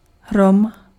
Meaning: thunder
- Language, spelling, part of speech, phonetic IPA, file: Czech, hrom, noun, [ˈɦrom], Cs-hrom.ogg